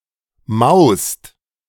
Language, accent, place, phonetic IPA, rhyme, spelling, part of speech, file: German, Germany, Berlin, [maʊ̯st], -aʊ̯st, maust, verb, De-maust.ogg
- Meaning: 1. second-person singular present of mauen 2. second/third-person singular present of mausen 3. second-person plural present of mausen